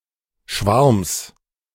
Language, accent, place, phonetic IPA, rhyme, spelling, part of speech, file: German, Germany, Berlin, [ʃvaʁms], -aʁms, Schwarms, noun, De-Schwarms.ogg
- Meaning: genitive singular of Schwarm